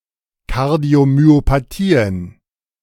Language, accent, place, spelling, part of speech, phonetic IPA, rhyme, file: German, Germany, Berlin, Kardiomyopathien, noun, [ˌkaʁdi̯omyopaˈtiːən], -iːən, De-Kardiomyopathien.ogg
- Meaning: plural of Kardiomyopathie